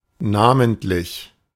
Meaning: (adjective) by name; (adverb) especially, mainly
- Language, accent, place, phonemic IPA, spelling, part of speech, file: German, Germany, Berlin, /ˈnaːməntlɪç/, namentlich, adjective / adverb, De-namentlich.ogg